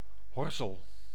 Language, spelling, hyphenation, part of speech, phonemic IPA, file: Dutch, horzel, hor‧zel, noun, /ˈɦɔr.zəl/, Nl-horzel.ogg
- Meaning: botfly, insect of the family Oestridae